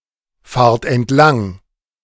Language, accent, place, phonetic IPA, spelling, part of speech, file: German, Germany, Berlin, [ˌfaːɐ̯t ɛntˈlaŋ], fahrt entlang, verb, De-fahrt entlang.ogg
- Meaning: inflection of entlangfahren: 1. second-person plural present 2. plural imperative